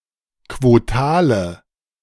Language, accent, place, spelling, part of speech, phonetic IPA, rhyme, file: German, Germany, Berlin, quotale, adjective, [kvoˈtaːlə], -aːlə, De-quotale.ogg
- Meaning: inflection of quotal: 1. strong/mixed nominative/accusative feminine singular 2. strong nominative/accusative plural 3. weak nominative all-gender singular 4. weak accusative feminine/neuter singular